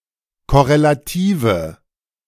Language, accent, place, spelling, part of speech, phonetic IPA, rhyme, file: German, Germany, Berlin, korrelative, adjective, [kɔʁelaˈtiːvə], -iːvə, De-korrelative.ogg
- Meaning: inflection of korrelativ: 1. strong/mixed nominative/accusative feminine singular 2. strong nominative/accusative plural 3. weak nominative all-gender singular